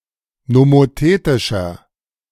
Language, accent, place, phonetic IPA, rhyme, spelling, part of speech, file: German, Germany, Berlin, [nomoˈteːtɪʃɐ], -eːtɪʃɐ, nomothetischer, adjective, De-nomothetischer.ogg
- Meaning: inflection of nomothetisch: 1. strong/mixed nominative masculine singular 2. strong genitive/dative feminine singular 3. strong genitive plural